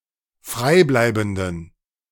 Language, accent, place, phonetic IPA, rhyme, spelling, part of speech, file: German, Germany, Berlin, [ˈfʁaɪ̯ˌblaɪ̯bn̩dən], -aɪ̯blaɪ̯bn̩dən, freibleibenden, adjective, De-freibleibenden.ogg
- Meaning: inflection of freibleibend: 1. strong genitive masculine/neuter singular 2. weak/mixed genitive/dative all-gender singular 3. strong/weak/mixed accusative masculine singular 4. strong dative plural